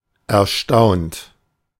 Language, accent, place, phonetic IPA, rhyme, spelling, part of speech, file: German, Germany, Berlin, [ɛɐ̯ˈʃtaʊ̯nt], -aʊ̯nt, erstaunt, adjective / verb, De-erstaunt.ogg
- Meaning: 1. past participle of erstaunen 2. inflection of erstaunen: second-person plural present 3. inflection of erstaunen: third-person singular present 4. inflection of erstaunen: plural imperative